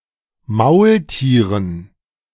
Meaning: dative plural of Maultier
- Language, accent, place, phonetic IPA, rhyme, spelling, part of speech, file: German, Germany, Berlin, [ˈmaʊ̯lˌtiːʁən], -aʊ̯ltiːʁən, Maultieren, noun, De-Maultieren.ogg